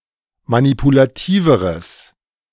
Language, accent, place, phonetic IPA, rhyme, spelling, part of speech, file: German, Germany, Berlin, [manipulaˈtiːvəʁəs], -iːvəʁəs, manipulativeres, adjective, De-manipulativeres.ogg
- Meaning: strong/mixed nominative/accusative neuter singular comparative degree of manipulativ